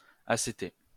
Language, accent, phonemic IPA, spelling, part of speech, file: French, France, /a.se.te/, acété, adjective, LL-Q150 (fra)-acété.wav
- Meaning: 1. sour 2. acidic